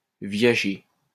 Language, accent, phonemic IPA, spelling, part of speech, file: French, France, /vja.ʒe/, viager, adjective, LL-Q150 (fra)-viager.wav
- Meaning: life